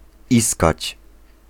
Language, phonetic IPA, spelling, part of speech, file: Polish, [ˈiskat͡ɕ], iskać, verb, Pl-iskać.ogg